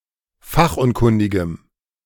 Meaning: strong dative masculine/neuter singular of fachunkundig
- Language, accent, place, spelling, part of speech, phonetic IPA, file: German, Germany, Berlin, fachunkundigem, adjective, [ˈfaxʔʊnˌkʊndɪɡəm], De-fachunkundigem.ogg